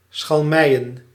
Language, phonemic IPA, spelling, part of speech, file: Dutch, /sxɑlˈmɛijə(n)/, schalmeien, verb / noun, Nl-schalmeien.ogg
- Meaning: plural of schalmei